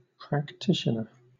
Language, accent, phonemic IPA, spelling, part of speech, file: English, Southern England, /pɹækˈtɪʃənə/, practitioner, noun, LL-Q1860 (eng)-practitioner.wav
- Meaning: 1. A person who practices a profession or art, especially law or medicine 2. One who does anything customarily or habitually 3. A sly or artful person